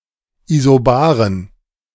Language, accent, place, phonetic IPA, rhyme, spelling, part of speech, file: German, Germany, Berlin, [izoˈbaːʁən], -aːʁən, Isobaren, noun, De-Isobaren.ogg
- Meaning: plural of Isobare